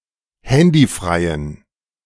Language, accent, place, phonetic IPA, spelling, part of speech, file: German, Germany, Berlin, [ˈhɛndiˌfʁaɪ̯ən], handyfreien, adjective, De-handyfreien.ogg
- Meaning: inflection of handyfrei: 1. strong genitive masculine/neuter singular 2. weak/mixed genitive/dative all-gender singular 3. strong/weak/mixed accusative masculine singular 4. strong dative plural